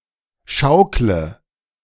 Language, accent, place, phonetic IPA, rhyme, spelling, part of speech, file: German, Germany, Berlin, [ˈʃaʊ̯klə], -aʊ̯klə, schaukle, verb, De-schaukle.ogg
- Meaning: inflection of schaukeln: 1. first-person singular present 2. singular imperative 3. first/third-person singular subjunctive I